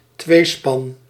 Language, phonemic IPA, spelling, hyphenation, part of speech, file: Dutch, /ˈtʋeː.spɑn/, tweespan, twee‧span, noun, Nl-tweespan.ogg
- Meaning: 1. a pair of draught animals, a team of two 2. a vehicle fit to be drawn by a pair of draught animals